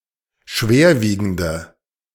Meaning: inflection of schwerwiegend: 1. strong/mixed nominative/accusative feminine singular 2. strong nominative/accusative plural 3. weak nominative all-gender singular
- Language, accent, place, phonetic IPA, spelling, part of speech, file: German, Germany, Berlin, [ˈʃveːɐ̯ˌviːɡn̩də], schwerwiegende, adjective, De-schwerwiegende.ogg